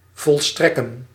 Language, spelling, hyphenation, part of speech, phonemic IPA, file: Dutch, volstrekken, vol‧strek‧ken, verb, /ˌvɔlˈstrɛ.kə(n)/, Nl-volstrekken.ogg
- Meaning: to accomplish, to carry out till completion